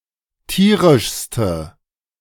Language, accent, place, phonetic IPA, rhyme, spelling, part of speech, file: German, Germany, Berlin, [ˈtiːʁɪʃstə], -iːʁɪʃstə, tierischste, adjective, De-tierischste.ogg
- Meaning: inflection of tierisch: 1. strong/mixed nominative/accusative feminine singular superlative degree 2. strong nominative/accusative plural superlative degree